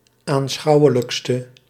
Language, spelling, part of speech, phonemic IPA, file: Dutch, aanschouwelijkste, adjective, /anˈsxɑuwələkstə/, Nl-aanschouwelijkste.ogg
- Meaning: inflection of aanschouwelijkst, the superlative degree of aanschouwelijk: 1. masculine/feminine singular attributive 2. definite neuter singular attributive 3. plural attributive